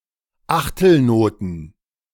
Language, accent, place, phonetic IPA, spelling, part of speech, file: German, Germany, Berlin, [ˈaxtl̩ˌnoːtn̩], Achtelnoten, noun, De-Achtelnoten.ogg
- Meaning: plural of Achtelnote